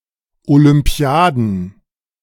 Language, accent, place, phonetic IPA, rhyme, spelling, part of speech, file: German, Germany, Berlin, [olʏmˈpi̯aːdn̩], -aːdn̩, Olympiaden, noun, De-Olympiaden.ogg
- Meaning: plural of Olympiade